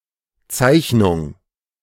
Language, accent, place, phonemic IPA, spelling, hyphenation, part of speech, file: German, Germany, Berlin, /ˈt͡saɪ̯çnʊŋ/, Zeichnung, Zeich‧nung, noun, De-Zeichnung.ogg
- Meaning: 1. drawing 2. subscription